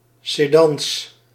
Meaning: plural of sedan
- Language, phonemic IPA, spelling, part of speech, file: Dutch, /seˈdɑns/, sedans, noun, Nl-sedans.ogg